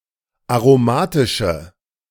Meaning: inflection of aromatisch: 1. strong/mixed nominative/accusative feminine singular 2. strong nominative/accusative plural 3. weak nominative all-gender singular
- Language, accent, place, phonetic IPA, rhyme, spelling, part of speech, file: German, Germany, Berlin, [aʁoˈmaːtɪʃə], -aːtɪʃə, aromatische, adjective, De-aromatische.ogg